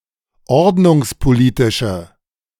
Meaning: inflection of ordnungspolitisch: 1. strong/mixed nominative/accusative feminine singular 2. strong nominative/accusative plural 3. weak nominative all-gender singular
- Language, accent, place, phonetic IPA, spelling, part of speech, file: German, Germany, Berlin, [ˈɔʁdnʊŋspoˌliːtɪʃə], ordnungspolitische, adjective, De-ordnungspolitische.ogg